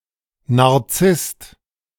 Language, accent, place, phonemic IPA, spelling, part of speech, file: German, Germany, Berlin, /ˌnaʁˈt͡sɪst/, Narzisst, noun, De-Narzisst.ogg
- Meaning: narcissist